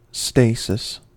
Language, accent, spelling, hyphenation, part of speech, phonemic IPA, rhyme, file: English, General American, stasis, sta‧sis, noun, /ˈsteɪsɪs/, -eɪsɪs, En-us-stasis.ogg
- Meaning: 1. A slackening or arrest of the blood current, due not to a lessening of the heart’s beat, but to some abnormal resistance of the capillary walls 2. Inactivity; a freezing, or state of motionlessness